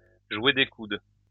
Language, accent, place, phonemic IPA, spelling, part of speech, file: French, France, Lyon, /ʒwe de kud/, jouer des coudes, verb, LL-Q150 (fra)-jouer des coudes.wav
- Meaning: 1. to elbow one's way through, to jostle for position, to push and shove 2. to elbow one's way to the top